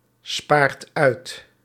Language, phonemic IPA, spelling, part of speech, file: Dutch, /ˈspart ˈœyt/, spaart uit, verb, Nl-spaart uit.ogg
- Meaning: inflection of uitsparen: 1. second/third-person singular present indicative 2. plural imperative